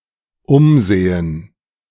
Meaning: gerund of umsehen
- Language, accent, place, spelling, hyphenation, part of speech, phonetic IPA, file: German, Germany, Berlin, Umsehen, Um‧se‧hen, noun, [ˈʊmˌzeːən], De-Umsehen.ogg